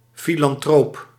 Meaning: philanthropist
- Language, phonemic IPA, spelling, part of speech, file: Dutch, /ˌfilɑnˈtrop/, filantroop, noun, Nl-filantroop.ogg